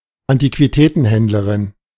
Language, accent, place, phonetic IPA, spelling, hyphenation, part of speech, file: German, Germany, Berlin, [antikviˈtɛːtn̩ˌhɛndləʁɪn], Antiquitätenhändlerin, An‧ti‧qui‧tä‧ten‧händ‧le‧rin, noun, De-Antiquitätenhändlerin.ogg
- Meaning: female equivalent of Antiquitätenhändler (“antique dealer”)